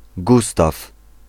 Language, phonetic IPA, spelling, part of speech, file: Polish, [ˈɡustaf], Gustaw, proper noun, Pl-Gustaw.ogg